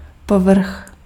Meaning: surface
- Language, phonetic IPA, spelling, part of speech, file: Czech, [ˈpovr̩x], povrch, noun, Cs-povrch.ogg